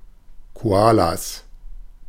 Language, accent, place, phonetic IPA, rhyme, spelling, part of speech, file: German, Germany, Berlin, [koˈaːlas], -aːlas, Koalas, noun, De-Koalas.ogg
- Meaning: plural of Koala